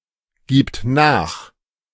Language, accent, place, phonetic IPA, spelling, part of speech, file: German, Germany, Berlin, [ˌɡiːpt ˈnaːx], gibt nach, verb, De-gibt nach.ogg
- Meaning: third-person singular present of nachgeben